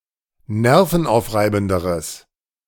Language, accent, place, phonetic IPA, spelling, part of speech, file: German, Germany, Berlin, [ˈnɛʁfn̩ˌʔaʊ̯fʁaɪ̯bn̩dəʁəs], nervenaufreibenderes, adjective, De-nervenaufreibenderes.ogg
- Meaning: strong/mixed nominative/accusative neuter singular comparative degree of nervenaufreibend